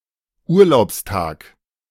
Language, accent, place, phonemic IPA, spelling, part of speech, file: German, Germany, Berlin, /ˈuːɐ̯laʊ̯psˌtaːk/, Urlaubstag, noun, De-Urlaubstag.ogg
- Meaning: vacation day